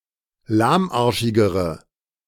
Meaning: inflection of lahmarschig: 1. strong/mixed nominative/accusative feminine singular comparative degree 2. strong nominative/accusative plural comparative degree
- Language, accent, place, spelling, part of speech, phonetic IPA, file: German, Germany, Berlin, lahmarschigere, adjective, [ˈlaːmˌʔaʁʃɪɡəʁə], De-lahmarschigere.ogg